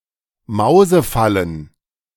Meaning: plural of Mausefalle
- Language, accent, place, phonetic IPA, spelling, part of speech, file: German, Germany, Berlin, [ˈmaʊ̯zəˌfalən], Mausefallen, noun, De-Mausefallen.ogg